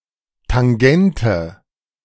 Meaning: tangent
- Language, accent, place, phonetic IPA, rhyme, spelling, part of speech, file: German, Germany, Berlin, [taŋˈɡɛntə], -ɛntə, Tangente, noun, De-Tangente.ogg